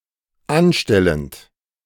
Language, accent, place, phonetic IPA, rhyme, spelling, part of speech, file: German, Germany, Berlin, [ˈanˌʃtɛlənt], -anʃtɛlənt, anstellend, verb, De-anstellend.ogg
- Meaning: present participle of anstellen